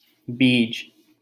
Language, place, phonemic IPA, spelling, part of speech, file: Hindi, Delhi, /biːd͡ʒ/, बीज, noun, LL-Q1568 (hin)-बीज.wav
- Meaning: 1. seed, seedling 2. nucleus 3. kernel